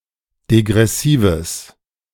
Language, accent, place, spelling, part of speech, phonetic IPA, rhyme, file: German, Germany, Berlin, degressives, adjective, [deɡʁɛˈsiːvəs], -iːvəs, De-degressives.ogg
- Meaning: strong/mixed nominative/accusative neuter singular of degressiv